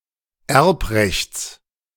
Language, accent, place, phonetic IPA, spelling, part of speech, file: German, Germany, Berlin, [ˈɛʁpˌʁɛçt͡s], Erbrechts, noun, De-Erbrechts.ogg
- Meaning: genitive of Erbrecht